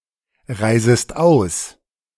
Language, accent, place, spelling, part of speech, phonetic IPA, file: German, Germany, Berlin, reisest aus, verb, [ˌʁaɪ̯zəst ˈaʊ̯s], De-reisest aus.ogg
- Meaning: second-person singular subjunctive I of ausreisen